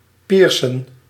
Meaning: to pierce (to implement a piercing)
- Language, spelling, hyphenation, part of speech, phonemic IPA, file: Dutch, piercen, pier‧cen, verb, /ˈpiːr.sə(n)/, Nl-piercen.ogg